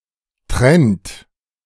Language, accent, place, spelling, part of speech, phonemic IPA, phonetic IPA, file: German, Germany, Berlin, Trend, noun, /trɛnt/, [tʁɛnt], De-Trend.ogg
- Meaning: 1. trend (tendency, direction of development) 2. trend (fab, fashion, popular inclination)